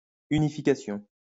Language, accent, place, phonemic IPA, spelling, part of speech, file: French, France, Lyon, /y.ni.fi.ka.sjɔ̃/, unification, noun, LL-Q150 (fra)-unification.wav
- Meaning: unification